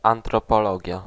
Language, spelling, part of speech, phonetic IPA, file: Polish, antropologia, noun, [ˌãntrɔpɔˈlɔɟja], Pl-antropologia.ogg